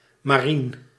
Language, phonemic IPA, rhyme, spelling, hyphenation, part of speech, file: Dutch, /maːˈrin/, -in, marien, ma‧rien, adjective, Nl-marien.ogg
- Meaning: marine, relating to the sea